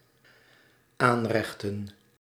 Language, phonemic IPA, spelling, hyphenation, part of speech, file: Dutch, /ˈaːnˌrɛx.tə(n)/, aanrechten, aan‧rech‧ten, verb / noun, Nl-aanrechten.ogg
- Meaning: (verb) to dish up; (noun) plural of aanrecht